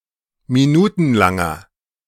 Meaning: inflection of minutenlang: 1. strong/mixed nominative masculine singular 2. strong genitive/dative feminine singular 3. strong genitive plural
- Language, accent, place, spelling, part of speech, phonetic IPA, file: German, Germany, Berlin, minutenlanger, adjective, [miˈnuːtn̩ˌlaŋɐ], De-minutenlanger.ogg